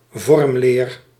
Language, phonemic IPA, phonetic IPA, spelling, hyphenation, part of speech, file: Dutch, /ˈvɔrm.leːr/, [ˈvɔrm.lɪːr], vormleer, vorm‧leer, noun, Nl-vormleer.ogg
- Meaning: 1. morphology (study or exposition of morphemes) 2. elementary geometry (education in elementary geometrical shapes) 3. morphology (study of landforms) 4. morphology (study of the forms of organisms)